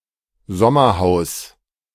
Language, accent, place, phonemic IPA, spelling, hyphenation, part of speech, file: German, Germany, Berlin, /ˈzɔmɐˌhaʊ̯s/, Sommerhaus, Som‧mer‧haus, noun, De-Sommerhaus.ogg
- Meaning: summerhouse